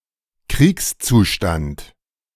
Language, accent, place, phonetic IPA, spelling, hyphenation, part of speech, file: German, Germany, Berlin, [ˈkʁiːkst͡suːʃtant], Kriegszustand, Kriegs‧zu‧stand, noun, De-Kriegszustand.ogg
- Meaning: state of war